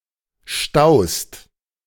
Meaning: second-person singular present of stauen
- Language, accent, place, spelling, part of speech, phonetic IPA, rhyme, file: German, Germany, Berlin, staust, verb, [ʃtaʊ̯st], -aʊ̯st, De-staust.ogg